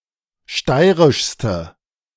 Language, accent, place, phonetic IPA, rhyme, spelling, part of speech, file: German, Germany, Berlin, [ˈʃtaɪ̯ʁɪʃstə], -aɪ̯ʁɪʃstə, steirischste, adjective, De-steirischste.ogg
- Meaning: inflection of steirisch: 1. strong/mixed nominative/accusative feminine singular superlative degree 2. strong nominative/accusative plural superlative degree